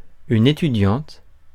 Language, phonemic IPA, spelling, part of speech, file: French, /e.ty.djɑ̃t/, étudiante, adjective / noun, Fr-étudiante.ogg
- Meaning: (adjective) feminine singular of étudiant